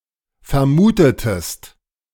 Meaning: inflection of vermuten: 1. second-person singular preterite 2. second-person singular subjunctive II
- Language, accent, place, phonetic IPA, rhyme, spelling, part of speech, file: German, Germany, Berlin, [fɛɐ̯ˈmuːtətəst], -uːtətəst, vermutetest, verb, De-vermutetest.ogg